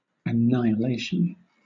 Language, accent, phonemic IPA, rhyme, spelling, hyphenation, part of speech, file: English, Southern England, /əˌnaɪ.əˈleɪ.ʃən/, -eɪʃən, annihilation, an‧ni‧hi‧la‧tion, noun, LL-Q1860 (eng)-annihilation.wav
- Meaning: The act of destroying or otherwise turning into nothing, or nonexistence